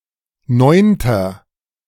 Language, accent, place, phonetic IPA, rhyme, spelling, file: German, Germany, Berlin, [ˈnɔɪ̯ntɐ], -ɔɪ̯ntɐ, neunter, De-neunter.ogg
- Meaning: inflection of neunte: 1. strong/mixed nominative masculine singular 2. strong genitive/dative feminine singular 3. strong genitive plural